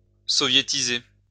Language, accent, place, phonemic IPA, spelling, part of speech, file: French, France, Lyon, /sɔ.vje.ti.ze/, soviétiser, verb, LL-Q150 (fra)-soviétiser.wav
- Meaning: to Sovietize